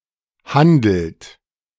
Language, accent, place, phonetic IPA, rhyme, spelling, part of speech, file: German, Germany, Berlin, [ˈhandl̩t], -andl̩t, handelt, verb, De-handelt.ogg
- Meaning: inflection of handeln: 1. third-person singular present 2. second-person plural present 3. plural imperative